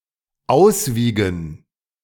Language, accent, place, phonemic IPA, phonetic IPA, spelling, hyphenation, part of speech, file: German, Germany, Berlin, /ˈaʊ̯sˌviːɡən/, [ˈʔaʊ̯sˌviːɡŋ̍], auswiegen, aus‧wie‧gen, verb, De-auswiegen.ogg
- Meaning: to weigh, to weigh out